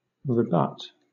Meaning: 1. To drive back or beat back; to repulse 2. To deny the truth of something, especially by presenting arguments that disprove it
- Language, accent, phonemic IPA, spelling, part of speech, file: English, Southern England, /ɹɪˈbʌt/, rebut, verb, LL-Q1860 (eng)-rebut.wav